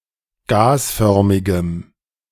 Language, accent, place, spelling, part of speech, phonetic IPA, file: German, Germany, Berlin, gasförmigem, adjective, [ˈɡaːsˌfœʁmɪɡəm], De-gasförmigem.ogg
- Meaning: strong dative masculine/neuter singular of gasförmig